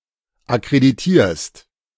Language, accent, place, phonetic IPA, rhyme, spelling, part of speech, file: German, Germany, Berlin, [akʁediˈtiːɐ̯st], -iːɐ̯st, akkreditierst, verb, De-akkreditierst.ogg
- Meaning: second-person singular present of akkreditieren